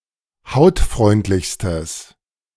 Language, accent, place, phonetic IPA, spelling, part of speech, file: German, Germany, Berlin, [ˈhaʊ̯tˌfʁɔɪ̯ntlɪçstəs], hautfreundlichstes, adjective, De-hautfreundlichstes.ogg
- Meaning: strong/mixed nominative/accusative neuter singular superlative degree of hautfreundlich